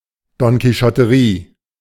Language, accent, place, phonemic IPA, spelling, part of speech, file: German, Germany, Berlin, /dɔnkiˈʃɔtəʁiː/, Donquichotterie, noun, De-Donquichotterie.ogg
- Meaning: quixotry (a wild, visionary idea)